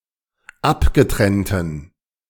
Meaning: inflection of abgetrennt: 1. strong genitive masculine/neuter singular 2. weak/mixed genitive/dative all-gender singular 3. strong/weak/mixed accusative masculine singular 4. strong dative plural
- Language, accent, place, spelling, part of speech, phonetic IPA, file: German, Germany, Berlin, abgetrennten, adjective, [ˈapɡəˌtʁɛntn̩], De-abgetrennten.ogg